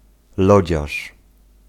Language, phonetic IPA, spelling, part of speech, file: Polish, [ˈlɔd͡ʑaʃ], lodziarz, noun, Pl-lodziarz.ogg